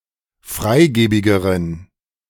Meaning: inflection of freigebig: 1. strong genitive masculine/neuter singular comparative degree 2. weak/mixed genitive/dative all-gender singular comparative degree
- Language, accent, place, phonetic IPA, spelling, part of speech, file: German, Germany, Berlin, [ˈfʁaɪ̯ˌɡeːbɪɡəʁən], freigebigeren, adjective, De-freigebigeren.ogg